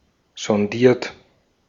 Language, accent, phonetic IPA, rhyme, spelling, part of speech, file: German, Austria, [zɔnˈdiːɐ̯t], -iːɐ̯t, sondiert, verb, De-at-sondiert.ogg
- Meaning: 1. past participle of sondieren 2. inflection of sondieren: second-person plural present 3. inflection of sondieren: third-person singular present 4. inflection of sondieren: plural imperative